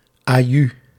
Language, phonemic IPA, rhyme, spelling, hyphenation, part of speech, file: Dutch, /aːˈjy/, -y, aju, aju, interjection, Nl-aju.ogg
- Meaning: bye, see you